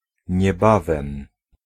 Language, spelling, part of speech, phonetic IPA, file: Polish, niebawem, adverb, [ɲɛˈbavɛ̃m], Pl-niebawem.ogg